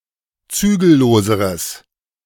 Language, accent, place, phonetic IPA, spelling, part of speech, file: German, Germany, Berlin, [ˈt͡syːɡl̩ˌloːzəʁəs], zügelloseres, adjective, De-zügelloseres.ogg
- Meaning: strong/mixed nominative/accusative neuter singular comparative degree of zügellos